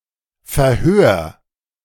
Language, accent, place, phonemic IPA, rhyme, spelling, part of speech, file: German, Germany, Berlin, /fɛɐ̯ˈhøːɐ̯/, -øːɐ̯, Verhör, noun, De-Verhör.ogg
- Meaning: interrogation